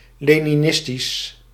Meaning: Leninist
- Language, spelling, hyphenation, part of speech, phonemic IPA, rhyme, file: Dutch, leninistisch, le‧ni‧nis‧tisch, adjective, /ˌleː.niˈnɪs.tis/, -ɪstis, Nl-leninistisch.ogg